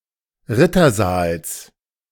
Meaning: genitive singular of Rittersaal
- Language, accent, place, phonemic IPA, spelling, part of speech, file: German, Germany, Berlin, /ˈʁɪtɐˌzaːls/, Rittersaals, noun, De-Rittersaals.ogg